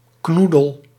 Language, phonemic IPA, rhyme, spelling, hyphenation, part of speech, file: Dutch, /ˈknu.dəl/, -udəl, knoedel, knoe‧del, noun, Nl-knoedel.ogg
- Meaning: 1. dumpling 2. noodle or piece of pasta